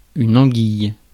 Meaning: eel
- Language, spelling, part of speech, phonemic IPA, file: French, anguille, noun, /ɑ̃.ɡij/, Fr-anguille.ogg